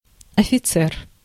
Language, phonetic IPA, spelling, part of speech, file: Russian, [ɐfʲɪˈt͡sɛr], офицер, noun, Ru-офицер.ogg
- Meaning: 1. officer 2. bishop (Russian abbreviation: С)